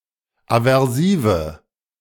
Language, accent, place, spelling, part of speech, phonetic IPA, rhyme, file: German, Germany, Berlin, aversive, adjective, [avɛʁˈsiːvə], -iːvə, De-aversive.ogg
- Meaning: inflection of aversiv: 1. strong/mixed nominative/accusative feminine singular 2. strong nominative/accusative plural 3. weak nominative all-gender singular 4. weak accusative feminine/neuter singular